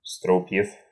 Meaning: genitive plural of струп (strup)
- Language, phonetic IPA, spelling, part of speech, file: Russian, [ˈstrup⁽ʲ⁾jɪf], струпьев, noun, Ru-стру́пьев.ogg